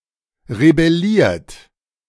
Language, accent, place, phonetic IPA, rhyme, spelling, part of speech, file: German, Germany, Berlin, [ʁebɛˈliːɐ̯t], -iːɐ̯t, rebelliert, verb, De-rebelliert.ogg
- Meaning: 1. past participle of rebellieren 2. inflection of rebellieren: third-person singular present 3. inflection of rebellieren: second-person plural present 4. inflection of rebellieren: plural imperative